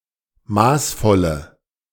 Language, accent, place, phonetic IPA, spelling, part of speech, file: German, Germany, Berlin, [ˈmaːsˌfɔlə], maßvolle, adjective, De-maßvolle.ogg
- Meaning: inflection of maßvoll: 1. strong/mixed nominative/accusative feminine singular 2. strong nominative/accusative plural 3. weak nominative all-gender singular 4. weak accusative feminine/neuter singular